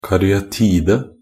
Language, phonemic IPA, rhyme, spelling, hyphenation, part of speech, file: Norwegian Bokmål, /karʏaˈtiːdə/, -iːdə, karyatide, ka‧ry‧a‧ti‧de, noun, Nb-karyatide.ogg
- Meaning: a caryatid (a sculpted female figure serving as an architectural support taking the place of a column or a pillar supporting an entablature on her head)